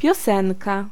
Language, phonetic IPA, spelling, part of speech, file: Polish, [pʲjɔˈsɛ̃nka], piosenka, noun, Pl-piosenka.ogg